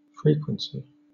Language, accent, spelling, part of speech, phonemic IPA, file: English, Southern England, frequency, noun, /ˈfɹiːkwənsi/, LL-Q1860 (eng)-frequency.wav
- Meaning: 1. The rate of occurrence of anything; the relationship between incidence and time period 2. The property of occurring often rather than infrequently